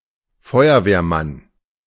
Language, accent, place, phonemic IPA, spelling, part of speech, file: German, Germany, Berlin, /ˈfɔʏɐveːɐˌman/, Feuerwehrmann, noun, De-Feuerwehrmann.ogg
- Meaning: fireman, firefighter (male or of unspecified gender)